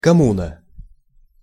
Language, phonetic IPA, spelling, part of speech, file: Russian, [kɐˈmunə], коммуна, noun, Ru-коммуна.ogg
- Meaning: commune (civil administrative unit in many European countries and their former colonies)